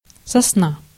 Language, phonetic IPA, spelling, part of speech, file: Russian, [sɐsˈna], сосна, noun, Ru-сосна.ogg
- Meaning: 1. pine, pine tree 2. pine wood